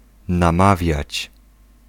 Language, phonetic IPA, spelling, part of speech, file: Polish, [nãˈmavʲjät͡ɕ], namawiać, verb, Pl-namawiać.ogg